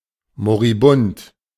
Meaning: moribund (approaching death)
- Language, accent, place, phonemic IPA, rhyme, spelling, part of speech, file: German, Germany, Berlin, /moʁiˈbʊnt/, -ʊnt, moribund, adjective, De-moribund.ogg